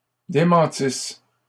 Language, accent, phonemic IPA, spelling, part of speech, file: French, Canada, /de.mɑ̃.tis/, démentissent, verb, LL-Q150 (fra)-démentissent.wav
- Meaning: third-person plural imperfect subjunctive of démentir